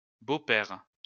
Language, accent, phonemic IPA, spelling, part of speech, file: French, France, /bo.pɛʁ/, beaux-pères, noun, LL-Q150 (fra)-beaux-pères.wav
- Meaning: plural of beau-père